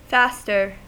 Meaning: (adjective) comparative form of fast: more fast; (noun) One who fasts, or voluntarily refrains from eating
- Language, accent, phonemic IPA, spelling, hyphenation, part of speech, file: English, US, /ˈfæstɚ/, faster, fast‧er, adjective / adverb / noun, En-us-faster.ogg